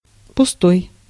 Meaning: 1. empty, void, hollow 2. idle (of talk) 3. shallow (of one's personality) 4. futile, frivolous 5. vain, ungrounded
- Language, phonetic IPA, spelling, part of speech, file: Russian, [pʊˈstoj], пустой, adjective, Ru-пустой.ogg